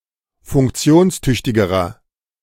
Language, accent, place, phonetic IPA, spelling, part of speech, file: German, Germany, Berlin, [fʊŋkˈt͡si̯oːnsˌtʏçtɪɡəʁɐ], funktionstüchtigerer, adjective, De-funktionstüchtigerer.ogg
- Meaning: inflection of funktionstüchtig: 1. strong/mixed nominative masculine singular comparative degree 2. strong genitive/dative feminine singular comparative degree